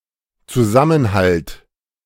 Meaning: cohesion; solidarity
- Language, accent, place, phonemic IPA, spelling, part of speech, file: German, Germany, Berlin, /tsuzamənhalt/, Zusammenhalt, noun, De-Zusammenhalt.ogg